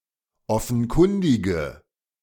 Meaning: inflection of offenkundig: 1. strong/mixed nominative/accusative feminine singular 2. strong nominative/accusative plural 3. weak nominative all-gender singular
- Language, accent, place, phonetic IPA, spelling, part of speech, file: German, Germany, Berlin, [ˈɔfn̩ˌkʊndɪɡə], offenkundige, adjective, De-offenkundige.ogg